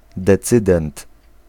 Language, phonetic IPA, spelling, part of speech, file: Polish, [dɛˈt͡sɨdɛ̃nt], decydent, noun, Pl-decydent.ogg